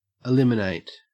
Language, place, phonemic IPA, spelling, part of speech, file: English, Queensland, /əˈlɪm.ɪ.næɪt/, eliminate, verb, En-au-eliminate.ogg
- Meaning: 1. To completely remove, get rid of, put an end to 2. To render (a facility) unusable, to destroy it; to disable (a soldier), make them unable to fight (typically but not necessarily by killing)